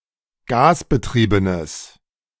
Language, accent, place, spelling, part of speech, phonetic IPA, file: German, Germany, Berlin, gasbetriebenes, adjective, [ˈɡaːsbəˌtʁiːbənəs], De-gasbetriebenes.ogg
- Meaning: strong/mixed nominative/accusative neuter singular of gasbetrieben